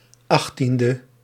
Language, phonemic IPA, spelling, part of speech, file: Dutch, /ˈɑxtində/, 18e, adjective, Nl-18e.ogg
- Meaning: abbreviation of achttiende (“eighteenth”); 18th